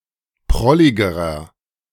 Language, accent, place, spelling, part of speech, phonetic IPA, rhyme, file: German, Germany, Berlin, prolligerer, adjective, [ˈpʁɔlɪɡəʁɐ], -ɔlɪɡəʁɐ, De-prolligerer.ogg
- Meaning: inflection of prollig: 1. strong/mixed nominative masculine singular comparative degree 2. strong genitive/dative feminine singular comparative degree 3. strong genitive plural comparative degree